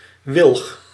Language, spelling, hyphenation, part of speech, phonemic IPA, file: Dutch, wilg, wilg, noun, /ʋɪlx/, Nl-wilg.ogg
- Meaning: willow (tree of the genus Salix)